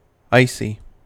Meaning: 1. Pertaining to, resembling, or abounding in ice; cold; frosty 2. Covered with ice, wholly or partially 3. Characterized by coldness of manner; frigid; cold
- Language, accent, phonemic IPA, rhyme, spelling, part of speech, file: English, US, /ˈaɪsi/, -aɪsi, icy, adjective, En-us-icy.ogg